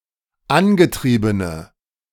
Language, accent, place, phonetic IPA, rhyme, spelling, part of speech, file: German, Germany, Berlin, [ˈanɡəˌtʁiːbənə], -anɡətʁiːbənə, angetriebene, adjective, De-angetriebene.ogg
- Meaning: inflection of angetrieben: 1. strong/mixed nominative/accusative feminine singular 2. strong nominative/accusative plural 3. weak nominative all-gender singular